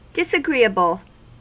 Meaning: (adjective) 1. Causing repugnance; unpleasant to the feelings or senses; displeasing 2. Not suitable; that does not conform or fit
- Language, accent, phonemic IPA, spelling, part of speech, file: English, US, /dɪsəˈɡɹi.əbəl/, disagreeable, adjective / noun, En-us-disagreeable.ogg